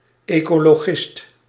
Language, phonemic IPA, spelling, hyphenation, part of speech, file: Dutch, /ˌeː.koː.loːˈɣɪst/, ecologist, eco‧lo‧gist, noun, Nl-ecologist.ogg
- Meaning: an environmentalist